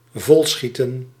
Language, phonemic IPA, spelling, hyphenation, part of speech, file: Dutch, /ˈvɔlˌsxi.tə(n)/, volschieten, vol‧schie‧ten, verb, Nl-volschieten.ogg
- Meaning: 1. to be overcome with emotion 2. to shoot full 3. to become full